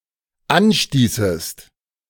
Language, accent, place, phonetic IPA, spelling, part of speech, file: German, Germany, Berlin, [ˈanˌʃtiːsəst], anstießest, verb, De-anstießest.ogg
- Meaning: second-person singular dependent subjunctive II of anstoßen